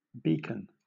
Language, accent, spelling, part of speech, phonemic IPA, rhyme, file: English, Southern England, beacon, noun / verb, /ˈbiːkən/, -iːkən, LL-Q1860 (eng)-beacon.wav
- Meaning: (noun) A signal fire to notify of the approach of an enemy, or to give any notice, commonly of warning